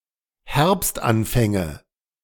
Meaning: nominative/accusative/genitive plural of Herbstanfang
- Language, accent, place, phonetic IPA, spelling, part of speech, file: German, Germany, Berlin, [ˈhɛʁpstʔanˌfɛŋə], Herbstanfänge, noun, De-Herbstanfänge.ogg